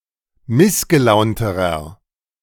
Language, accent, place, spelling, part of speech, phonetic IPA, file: German, Germany, Berlin, missgelaunterer, adjective, [ˈmɪsɡəˌlaʊ̯ntəʁɐ], De-missgelaunterer.ogg
- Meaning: inflection of missgelaunt: 1. strong/mixed nominative masculine singular comparative degree 2. strong genitive/dative feminine singular comparative degree 3. strong genitive plural comparative degree